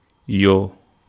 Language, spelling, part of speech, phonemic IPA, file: Wolof, yoo, noun, /jɔː/, Wo-yoo.ogg
- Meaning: mosquito